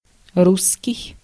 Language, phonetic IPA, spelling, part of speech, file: Russian, [ˈrus(ː)kʲɪj], русский, adjective / noun, Ru-русский.ogg
- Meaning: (adjective) 1. Russian, related to Russian ethnicity, language, or culture 2. Russian, related to the Russian state 3. Rus', related to the Rus' people and Kievan Rus'